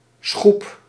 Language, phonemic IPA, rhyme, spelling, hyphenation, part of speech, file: Dutch, /sxup/, -up, schoep, schoep, noun, Nl-schoep.ogg
- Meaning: a paddle, a blade of a water wheel or similar contraption